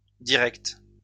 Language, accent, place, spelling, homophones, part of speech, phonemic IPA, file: French, France, Lyon, directe, directes, adjective, /di.ʁɛkt/, LL-Q150 (fra)-directe.wav
- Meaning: feminine singular of direct